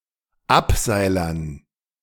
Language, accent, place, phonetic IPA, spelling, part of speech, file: German, Germany, Berlin, [ˈapˌzaɪ̯lɐn], Abseilern, noun, De-Abseilern.ogg
- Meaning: dative plural of Abseiler